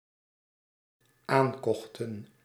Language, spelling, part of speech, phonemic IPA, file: Dutch, aankochten, verb, /ˈaŋkɔxtə(n)/, Nl-aankochten.ogg
- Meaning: inflection of aankopen: 1. plural dependent-clause past indicative 2. plural dependent-clause past subjunctive